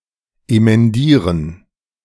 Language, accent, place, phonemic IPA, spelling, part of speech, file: German, Germany, Berlin, /emɛnˈdiːʁən/, emendieren, verb, De-emendieren.ogg
- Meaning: to emend (to correct and revise)